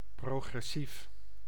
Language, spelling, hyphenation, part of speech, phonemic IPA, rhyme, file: Dutch, progressief, pro‧gres‧sief, adjective, /ˌproː.ɣrɛˈsif/, -if, Nl-progressief.ogg
- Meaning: 1. progressive, pertaining to or favouring left-leaning, emancipatory or innovative politics, pertaining to or supporting progressivism 2. progressive, pertaining to progress